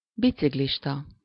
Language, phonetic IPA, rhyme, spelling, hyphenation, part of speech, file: Hungarian, [ˈbit͡siɡliʃtɒ], -tɒ, biciklista, bi‧cik‧lis‧ta, noun, Hu-biciklista.ogg
- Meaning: bicyclist, cyclist, biker